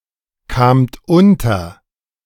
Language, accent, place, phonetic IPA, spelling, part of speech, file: German, Germany, Berlin, [ˌkaːmt ˈʊntɐ], kamt unter, verb, De-kamt unter.ogg
- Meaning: second-person plural preterite of unterkommen